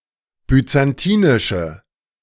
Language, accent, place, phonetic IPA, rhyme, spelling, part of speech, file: German, Germany, Berlin, [byt͡sanˈtiːnɪʃə], -iːnɪʃə, byzantinische, adjective, De-byzantinische.ogg
- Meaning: inflection of byzantinisch: 1. strong/mixed nominative/accusative feminine singular 2. strong nominative/accusative plural 3. weak nominative all-gender singular